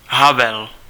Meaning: 1. a male given name 2. a male surname 3. a male surname: Václav Havel, a Czech writer and politician
- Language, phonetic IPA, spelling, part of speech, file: Czech, [ˈɦavɛl], Havel, proper noun, Cs-Havel.ogg